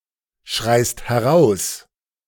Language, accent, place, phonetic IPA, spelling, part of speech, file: German, Germany, Berlin, [ˌʃʁaɪ̯st hɛˈʁaʊ̯s], schreist heraus, verb, De-schreist heraus.ogg
- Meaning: second-person singular present of herausschreien